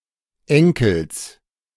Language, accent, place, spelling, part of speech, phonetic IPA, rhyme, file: German, Germany, Berlin, Enkels, noun, [ˈɛŋkl̩s], -ɛŋkl̩s, De-Enkels.ogg
- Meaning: genitive singular of Enkel